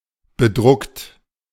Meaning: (verb) past participle of bedrucken; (adjective) printed on, imprinted; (verb) inflection of bedrucken: 1. third-person singular present 2. second-person plural present 3. plural imperative
- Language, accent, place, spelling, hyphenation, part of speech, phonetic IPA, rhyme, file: German, Germany, Berlin, bedruckt, be‧druckt, verb / adjective, [bəˈdʁʊkt], -ʊkt, De-bedruckt.ogg